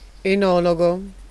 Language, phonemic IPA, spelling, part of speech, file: Italian, /eˈnɔloɡo/, enologo, noun, It-enologo.ogg